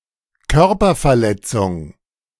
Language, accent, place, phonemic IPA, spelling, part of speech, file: German, Germany, Berlin, /ˈkœʁpɐfɛɐ̯ˌlɛt͡sʊŋ/, Körperverletzung, noun, De-Körperverletzung.ogg
- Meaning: bodily injury, bodily harm, battery (crime)